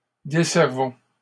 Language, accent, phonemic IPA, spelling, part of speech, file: French, Canada, /de.sɛʁ.vɔ̃/, desservons, verb, LL-Q150 (fra)-desservons.wav
- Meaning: inflection of desservir: 1. first-person plural present indicative 2. first-person plural imperative